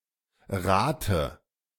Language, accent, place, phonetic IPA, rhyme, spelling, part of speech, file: German, Germany, Berlin, [ˈʁaːtə], -aːtə, rate, verb, De-rate.ogg
- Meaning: 1. inflection of raten 2. inflection of raten: first-person singular present 3. inflection of raten: singular imperative 4. first/third-person singular subjunctive I of raten